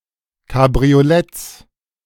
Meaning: plural of Kabriolett
- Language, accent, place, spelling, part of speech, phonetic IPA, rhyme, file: German, Germany, Berlin, Kabrioletts, noun, [kabʁioˈlɛt͡s], -ɛt͡s, De-Kabrioletts.ogg